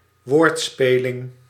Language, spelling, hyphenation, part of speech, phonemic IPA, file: Dutch, woordspeling, woord‧spe‧ling, noun, /ˈʋoːrtˌspeː.lɪŋ/, Nl-woordspeling.ogg
- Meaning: wordplay, a pun